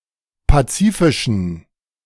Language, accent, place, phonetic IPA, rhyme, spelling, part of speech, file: German, Germany, Berlin, [ˌpaˈt͡siːfɪʃn̩], -iːfɪʃn̩, pazifischen, adjective, De-pazifischen.ogg
- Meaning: inflection of pazifisch: 1. strong genitive masculine/neuter singular 2. weak/mixed genitive/dative all-gender singular 3. strong/weak/mixed accusative masculine singular 4. strong dative plural